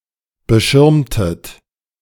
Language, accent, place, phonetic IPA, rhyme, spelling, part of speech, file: German, Germany, Berlin, [bəˈʃɪʁmtət], -ɪʁmtət, beschirmtet, verb, De-beschirmtet.ogg
- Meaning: inflection of beschirmen: 1. second-person plural preterite 2. second-person plural subjunctive II